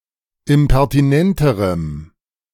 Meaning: strong dative masculine/neuter singular comparative degree of impertinent
- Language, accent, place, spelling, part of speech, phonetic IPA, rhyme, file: German, Germany, Berlin, impertinenterem, adjective, [ɪmpɛʁtiˈnɛntəʁəm], -ɛntəʁəm, De-impertinenterem.ogg